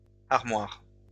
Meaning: plural of armoire
- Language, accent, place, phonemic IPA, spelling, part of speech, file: French, France, Lyon, /aʁ.mwaʁ/, armoires, noun, LL-Q150 (fra)-armoires.wav